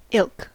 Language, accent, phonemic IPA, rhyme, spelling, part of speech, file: English, US, /ɪlk/, -ɪlk, ilk, adjective / noun, En-us-ilk.ogg
- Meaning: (adjective) Very; same; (noun) A type, race, or category; a group of entities that have common characteristics such that they may be grouped together